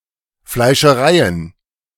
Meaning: plural of Fleischerei
- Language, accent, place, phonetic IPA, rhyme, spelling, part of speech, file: German, Germany, Berlin, [flaɪ̯ʃəˈʁaɪ̯ən], -aɪ̯ən, Fleischereien, noun, De-Fleischereien.ogg